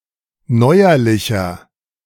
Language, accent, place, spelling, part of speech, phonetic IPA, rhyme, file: German, Germany, Berlin, neuerlicher, adjective, [ˈnɔɪ̯ɐlɪçɐ], -ɔɪ̯ɐlɪçɐ, De-neuerlicher.ogg
- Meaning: inflection of neuerlich: 1. strong/mixed nominative masculine singular 2. strong genitive/dative feminine singular 3. strong genitive plural